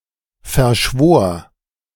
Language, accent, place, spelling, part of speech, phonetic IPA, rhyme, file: German, Germany, Berlin, verschwor, verb, [fɛɐ̯ˈʃvoːɐ̯], -oːɐ̯, De-verschwor.ogg
- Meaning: first/third-person singular preterite of verschwören